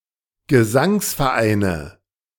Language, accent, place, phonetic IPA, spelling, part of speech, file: German, Germany, Berlin, [ɡəˈzaŋsfɛɐ̯ˌʔaɪ̯nə], Gesangsvereine, noun, De-Gesangsvereine.ogg
- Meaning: nominative/accusative/genitive plural of Gesangsverein